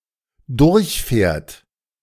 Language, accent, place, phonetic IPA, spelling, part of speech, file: German, Germany, Berlin, [ˈdʊʁçˌfɛːɐ̯t], durchfährt, verb, De-durchfährt.ogg
- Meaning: third-person singular dependent present of durchfahren